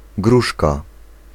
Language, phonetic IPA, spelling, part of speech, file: Polish, [ˈɡruʃka], gruszka, noun, Pl-gruszka.ogg